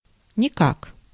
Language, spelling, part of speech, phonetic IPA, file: Russian, никак, adverb, [nʲɪˈkak], Ru-никак.ogg
- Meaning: 1. by no means, not at all, in no way, nowise 2. it appears, it seems, it looks like